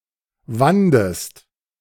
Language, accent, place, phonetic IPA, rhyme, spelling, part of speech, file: German, Germany, Berlin, [ˈvandəst], -andəst, wandest, verb, De-wandest.ogg
- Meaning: second-person singular preterite of winden